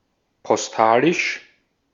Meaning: postal
- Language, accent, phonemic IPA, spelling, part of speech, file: German, Austria, /pɔsˈtaːlɪʃ/, postalisch, adjective, De-at-postalisch.ogg